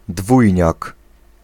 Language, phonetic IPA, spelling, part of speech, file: Polish, [ˈdvujɲak], dwójniak, noun, Pl-dwójniak.ogg